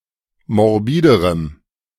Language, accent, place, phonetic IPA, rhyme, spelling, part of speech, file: German, Germany, Berlin, [mɔʁˈbiːdəʁəm], -iːdəʁəm, morbiderem, adjective, De-morbiderem.ogg
- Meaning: strong dative masculine/neuter singular comparative degree of morbid